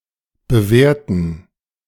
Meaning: to evaluate, assess
- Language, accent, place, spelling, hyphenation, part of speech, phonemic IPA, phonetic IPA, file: German, Germany, Berlin, bewerten, be‧wer‧ten, verb, /bəˈveːʁtən/, [bəˈveːɐ̯tn̩], De-bewerten2.ogg